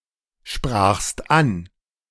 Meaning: second-person singular preterite of ansprechen
- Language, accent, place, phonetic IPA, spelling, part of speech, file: German, Germany, Berlin, [ˌʃpʁaːxst ˈan], sprachst an, verb, De-sprachst an.ogg